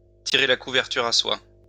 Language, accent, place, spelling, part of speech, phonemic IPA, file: French, France, Lyon, tirer la couverture à soi, verb, /ti.ʁe la ku.vɛʁ.ty.ʁ‿a swa/, LL-Q150 (fra)-tirer la couverture à soi.wav
- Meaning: to take all the credit, to take more than one's share